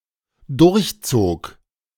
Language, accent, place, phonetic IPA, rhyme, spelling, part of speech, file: German, Germany, Berlin, [ˌdʊʁçˈt͡soːk], -oːk, durchzog, verb, De-durchzog.ogg
- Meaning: first/third-person singular dependent preterite of durchziehen